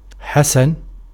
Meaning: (adjective) 1. good, fine, well 2. agreeable, pleasant, nice, well-favored 3. pretty, beautiful, lovely, comely, sightly, shapely, gorgeous, fair 4. handsome, good-looking, magnificent 5. well-turned
- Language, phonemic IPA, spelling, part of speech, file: Arabic, /ħa.san/, حسن, adjective / proper noun, Ar-حسن.ogg